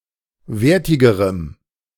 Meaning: strong dative masculine/neuter singular comparative degree of wertig
- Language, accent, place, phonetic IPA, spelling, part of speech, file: German, Germany, Berlin, [ˈveːɐ̯tɪɡəʁəm], wertigerem, adjective, De-wertigerem.ogg